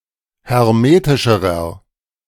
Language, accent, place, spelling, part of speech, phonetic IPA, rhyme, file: German, Germany, Berlin, hermetischerer, adjective, [hɛʁˈmeːtɪʃəʁɐ], -eːtɪʃəʁɐ, De-hermetischerer.ogg
- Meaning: inflection of hermetisch: 1. strong/mixed nominative masculine singular comparative degree 2. strong genitive/dative feminine singular comparative degree 3. strong genitive plural comparative degree